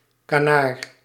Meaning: 1. duck 2. canard, hoax
- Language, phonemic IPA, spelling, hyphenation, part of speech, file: Dutch, /kaːˈnaːr/, canard, ca‧nard, noun, Nl-canard.ogg